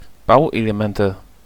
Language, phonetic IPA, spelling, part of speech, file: German, [ˈbaʊ̯ʔeleˌmɛntə], Bauelemente, noun, De-Bauelemente.ogg
- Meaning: nominative/accusative/genitive plural of Bauelement